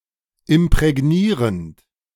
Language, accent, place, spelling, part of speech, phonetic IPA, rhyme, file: German, Germany, Berlin, imprägnierend, verb, [ɪmpʁɛˈɡniːʁənt], -iːʁənt, De-imprägnierend.ogg
- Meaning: present participle of imprägnieren